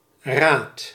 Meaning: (noun) 1. an advice, counsel 2. a council, board, body which advises, concerts and/or decides
- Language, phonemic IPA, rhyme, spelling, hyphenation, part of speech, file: Dutch, /raːt/, -aːt, raad, raad, noun / verb, Nl-raad.ogg